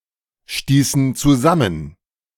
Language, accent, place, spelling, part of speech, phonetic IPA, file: German, Germany, Berlin, stießen zusammen, verb, [ˌʃtiːsn̩ t͡suˈzamən], De-stießen zusammen.ogg
- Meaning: inflection of zusammenstoßen: 1. first/third-person plural preterite 2. first/third-person plural subjunctive II